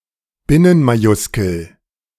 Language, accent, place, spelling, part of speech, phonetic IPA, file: German, Germany, Berlin, Binnenmajuskel, noun, [ˈbɪnənmaˌjʊskl̩], De-Binnenmajuskel.ogg
- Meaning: camel case